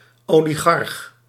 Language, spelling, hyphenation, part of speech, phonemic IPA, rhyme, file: Dutch, oligarch, oli‧garch, noun, /ˌoː.liˈɣɑrx/, -ɑrx, Nl-oligarch.ogg
- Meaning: 1. an oligarch (member of an oligarchy) 2. a plutocrat, an oligarch, especially in relation to the former Eastern Bloc